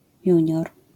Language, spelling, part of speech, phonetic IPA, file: Polish, junior, noun, [ˈjü̃ɲɔr], LL-Q809 (pol)-junior.wav